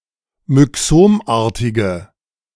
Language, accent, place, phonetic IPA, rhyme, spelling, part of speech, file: German, Germany, Berlin, [mʏˈksoːmˌʔaːɐ̯tɪɡə], -oːmʔaːɐ̯tɪɡə, myxomartige, adjective, De-myxomartige.ogg
- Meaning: inflection of myxomartig: 1. strong/mixed nominative/accusative feminine singular 2. strong nominative/accusative plural 3. weak nominative all-gender singular